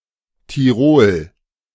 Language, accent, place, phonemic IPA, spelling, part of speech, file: German, Germany, Berlin, /tiˈʁoːl/, Tirol, proper noun, De-Tirol.ogg
- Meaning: 1. Tyrol (a state in western Austria) 2. Tyrol (a geographic region in Central Europe including the state of Tyrol in Austria and the regions of South Tyrol and Trentino in Italy)